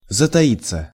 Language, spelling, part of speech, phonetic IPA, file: Russian, затаиться, verb, [zətɐˈit͡sːə], Ru-затаиться.ogg
- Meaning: 1. to hide 2. to keep a low profile 3. passive of затаи́ть (zataítʹ)